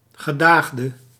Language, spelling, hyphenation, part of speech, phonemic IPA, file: Dutch, gedaagde, ge‧daag‧de, noun / verb, /ɣəˈdaːx.də/, Nl-gedaagde.ogg
- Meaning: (noun) a summoned person, be it a party, witness or other; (verb) inflection of gedaagd: 1. masculine/feminine singular attributive 2. definite neuter singular attributive 3. plural attributive